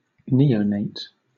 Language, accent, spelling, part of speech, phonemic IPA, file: English, Southern England, neonate, noun, /ˈniː.əʊ.neɪt/, LL-Q1860 (eng)-neonate.wav
- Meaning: A newborn infant; recently born baby